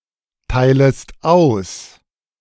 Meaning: second-person singular subjunctive I of austeilen
- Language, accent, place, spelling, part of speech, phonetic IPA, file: German, Germany, Berlin, teilest aus, verb, [ˌtaɪ̯ləst ˈaʊ̯s], De-teilest aus.ogg